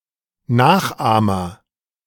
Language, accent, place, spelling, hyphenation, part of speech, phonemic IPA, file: German, Germany, Berlin, Nachahmer, Nach‧ah‧mer, noun, /ˈnaːxˌʔaːmɐ/, De-Nachahmer.ogg
- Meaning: agent noun of nachahmen; copycat, imitator